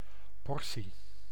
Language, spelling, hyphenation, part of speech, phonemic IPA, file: Dutch, portie, por‧tie, noun, /ˈpɔr.si/, Nl-portie.ogg
- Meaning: 1. serving, helping 2. portion, part, amount